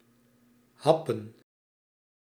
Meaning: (verb) 1. to take a bite 2. to gasp; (noun) plural of hap
- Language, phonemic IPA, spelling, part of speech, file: Dutch, /ˈɦɑpə(n)/, happen, verb / noun, Nl-happen.ogg